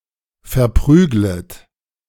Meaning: second-person plural subjunctive I of verprügeln
- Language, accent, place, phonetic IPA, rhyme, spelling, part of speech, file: German, Germany, Berlin, [fɛɐ̯ˈpʁyːɡlət], -yːɡlət, verprüglet, verb, De-verprüglet.ogg